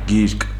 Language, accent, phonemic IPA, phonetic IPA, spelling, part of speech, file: Armenian, Eastern Armenian, /ɡiɾk/, [ɡiɾk], գիրկ, noun, Hy-գիրկ.ogg
- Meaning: arms, lap, bosom